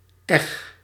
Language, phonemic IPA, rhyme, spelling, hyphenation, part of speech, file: Dutch, /ɛx/, -ɛx, eg, eg, noun / verb, Nl-eg.ogg
- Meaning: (noun) harrow; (verb) inflection of eggen: 1. first-person singular present indicative 2. second-person singular present indicative 3. imperative